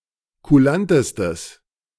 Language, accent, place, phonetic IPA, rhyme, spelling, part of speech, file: German, Germany, Berlin, [kuˈlantəstəs], -antəstəs, kulantestes, adjective, De-kulantestes.ogg
- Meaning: strong/mixed nominative/accusative neuter singular superlative degree of kulant